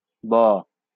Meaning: The 34th character in the Bengali abugida
- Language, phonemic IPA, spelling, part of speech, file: Bengali, /bɔ/, ব, character, LL-Q9610 (ben)-ব.wav